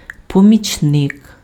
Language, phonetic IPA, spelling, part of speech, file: Ukrainian, [pɔmʲit͡ʃˈnɪk], помічник, noun, Uk-помічник.ogg
- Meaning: helper, aide, assistant